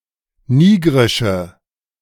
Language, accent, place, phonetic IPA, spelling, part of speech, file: German, Germany, Berlin, [ˈniːɡʁɪʃə], nigrische, adjective, De-nigrische.ogg
- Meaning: inflection of nigrisch: 1. strong/mixed nominative/accusative feminine singular 2. strong nominative/accusative plural 3. weak nominative all-gender singular